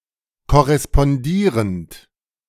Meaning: present participle of korrespondieren
- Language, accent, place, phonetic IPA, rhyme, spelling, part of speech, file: German, Germany, Berlin, [kɔʁɛspɔnˈdiːʁənt], -iːʁənt, korrespondierend, verb, De-korrespondierend.ogg